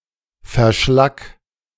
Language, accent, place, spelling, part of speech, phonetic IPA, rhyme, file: German, Germany, Berlin, verschlack, verb, [fɛɐ̯ˈʃlak], -ak, De-verschlack.ogg
- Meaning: 1. singular imperative of verschlacken 2. first-person singular present of verschlacken